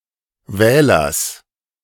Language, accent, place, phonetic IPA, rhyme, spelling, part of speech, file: German, Germany, Berlin, [ˈvɛːlɐs], -ɛːlɐs, Wählers, noun, De-Wählers.ogg
- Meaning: genitive singular of Wähler